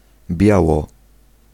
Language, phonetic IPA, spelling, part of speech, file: Polish, [ˈbʲjawɔ], biało, adverb, Pl-biało.ogg